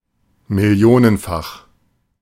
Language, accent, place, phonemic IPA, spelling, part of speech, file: German, Germany, Berlin, /mɪˈli̯oːnənˌfaχ/, millionenfach, adjective, De-millionenfach.ogg
- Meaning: millionfold